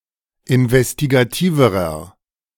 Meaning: inflection of investigativ: 1. strong/mixed nominative masculine singular comparative degree 2. strong genitive/dative feminine singular comparative degree 3. strong genitive plural comparative degree
- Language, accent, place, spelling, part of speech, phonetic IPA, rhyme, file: German, Germany, Berlin, investigativerer, adjective, [ɪnvɛstiɡaˈtiːvəʁɐ], -iːvəʁɐ, De-investigativerer.ogg